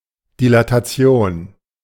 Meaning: dilation
- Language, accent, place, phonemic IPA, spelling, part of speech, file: German, Germany, Berlin, /dilataˈt͡si̯oːn/, Dilatation, noun, De-Dilatation.ogg